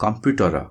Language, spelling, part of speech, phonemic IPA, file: Odia, କମ୍ପ୍ୟୁଟର, noun, /kɔmpjuʈɔɾɔ/, Or-କମ୍ପ୍ୟୁଟର.flac
- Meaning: computer